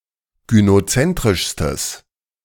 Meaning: strong/mixed nominative/accusative neuter singular superlative degree of gynozentrisch
- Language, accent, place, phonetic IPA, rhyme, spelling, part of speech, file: German, Germany, Berlin, [ɡynoˈt͡sɛntʁɪʃstəs], -ɛntʁɪʃstəs, gynozentrischstes, adjective, De-gynozentrischstes.ogg